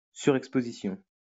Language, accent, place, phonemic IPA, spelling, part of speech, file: French, France, Lyon, /sy.ʁɛk.spo.zi.sjɔ̃/, surexposition, noun, LL-Q150 (fra)-surexposition.wav
- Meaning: overexposure (all senses)